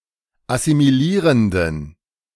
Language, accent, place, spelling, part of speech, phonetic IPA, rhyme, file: German, Germany, Berlin, assimilierenden, adjective, [asimiˈliːʁəndn̩], -iːʁəndn̩, De-assimilierenden.ogg
- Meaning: inflection of assimilierend: 1. strong genitive masculine/neuter singular 2. weak/mixed genitive/dative all-gender singular 3. strong/weak/mixed accusative masculine singular 4. strong dative plural